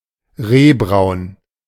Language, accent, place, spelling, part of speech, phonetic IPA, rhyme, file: German, Germany, Berlin, rehbraun, adjective, [ˈʁeːˌbʁaʊ̯n], -eːbʁaʊ̯n, De-rehbraun.ogg
- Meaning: slightly reddish light brown; fawn